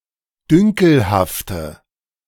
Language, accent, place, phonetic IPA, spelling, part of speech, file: German, Germany, Berlin, [ˈdʏŋkl̩haftə], dünkelhafte, adjective, De-dünkelhafte.ogg
- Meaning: inflection of dünkelhaft: 1. strong/mixed nominative/accusative feminine singular 2. strong nominative/accusative plural 3. weak nominative all-gender singular